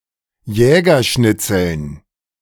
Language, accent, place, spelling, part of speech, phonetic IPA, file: German, Germany, Berlin, Jägerschnitzeln, noun, [ˈjɛːɡɐˌʃnɪt͡sl̩n], De-Jägerschnitzeln.ogg
- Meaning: dative plural of Jägerschnitzel